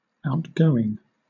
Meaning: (adjective) 1. Extroverted: talkative, friendly, and social, especially with respect to meeting new people easily and comfortably; outgiving 2. Going out, on its way out
- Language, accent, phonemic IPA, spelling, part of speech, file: English, Southern England, /aʊtˈɡəʊɪŋ/, outgoing, adjective / verb, LL-Q1860 (eng)-outgoing.wav